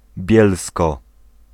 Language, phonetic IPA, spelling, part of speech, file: Polish, [ˈbʲjɛlskɔ], Bielsko, proper noun, Pl-Bielsko.ogg